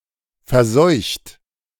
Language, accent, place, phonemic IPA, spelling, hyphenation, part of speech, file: German, Germany, Berlin, /fɛɐ̯ˈzɔʏ̯çt/, verseucht, ver‧seucht, verb, De-verseucht.ogg
- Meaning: 1. past participle of verseuchen 2. inflection of verseuchen: second-person plural present 3. inflection of verseuchen: third-person singular present 4. inflection of verseuchen: plural imperative